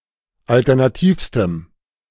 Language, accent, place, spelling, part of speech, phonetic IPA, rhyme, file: German, Germany, Berlin, alternativstem, adjective, [ˌaltɛʁnaˈtiːfstəm], -iːfstəm, De-alternativstem.ogg
- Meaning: strong dative masculine/neuter singular superlative degree of alternativ